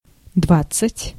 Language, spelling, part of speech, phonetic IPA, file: Russian, двадцать, numeral, [ˈdvat͡s(ː)ɨtʲ], Ru-двадцать.ogg
- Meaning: twenty (20)